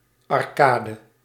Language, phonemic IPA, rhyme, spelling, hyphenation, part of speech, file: Dutch, /ˌɑrˈkaː.də/, -aːdə, arcade, ar‧ca‧de, noun, Nl-arcade.ogg
- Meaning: arcade (array of arches)